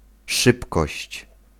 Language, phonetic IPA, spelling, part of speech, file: Polish, [ˈʃɨpkɔɕt͡ɕ], szybkość, noun, Pl-szybkość.ogg